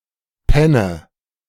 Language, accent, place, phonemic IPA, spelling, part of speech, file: German, Germany, Berlin, /ˈpɛnə/, Penne, noun, De-Penne.ogg
- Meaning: 1. school 2. dosshouse, flophouse 3. prostitute 4. penne